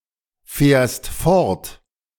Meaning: second-person singular present of fortfahren
- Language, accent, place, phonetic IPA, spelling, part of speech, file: German, Germany, Berlin, [ˌfɛːɐ̯st ˈfɔʁt], fährst fort, verb, De-fährst fort.ogg